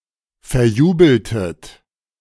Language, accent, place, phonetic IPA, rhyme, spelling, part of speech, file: German, Germany, Berlin, [fɛɐ̯ˈjuːbl̩tət], -uːbl̩tət, verjubeltet, verb, De-verjubeltet.ogg
- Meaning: inflection of verjubeln: 1. second-person plural preterite 2. second-person plural subjunctive II